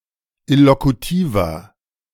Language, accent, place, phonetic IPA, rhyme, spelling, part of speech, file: German, Germany, Berlin, [ɪlokuˈtiːvɐ], -iːvɐ, illokutiver, adjective, De-illokutiver.ogg
- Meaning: inflection of illokutiv: 1. strong/mixed nominative masculine singular 2. strong genitive/dative feminine singular 3. strong genitive plural